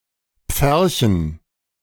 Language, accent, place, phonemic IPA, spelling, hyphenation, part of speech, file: German, Germany, Berlin, /ˈp͡fɛʁçn̩/, pferchen, pfer‧chen, verb, De-pferchen.ogg
- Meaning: to enclose (e.g. in a pen)